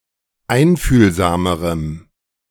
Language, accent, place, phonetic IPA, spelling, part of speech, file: German, Germany, Berlin, [ˈaɪ̯nfyːlzaːməʁəm], einfühlsamerem, adjective, De-einfühlsamerem.ogg
- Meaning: strong dative masculine/neuter singular comparative degree of einfühlsam